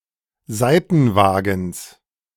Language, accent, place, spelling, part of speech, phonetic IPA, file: German, Germany, Berlin, Seitenwagens, noun, [ˈzaɪ̯tn̩ˌvaːɡn̩s], De-Seitenwagens.ogg
- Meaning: genitive singular of Seitenwagen